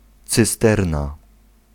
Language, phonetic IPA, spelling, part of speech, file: Polish, [t͡sɨˈstɛrna], cysterna, noun, Pl-cysterna.ogg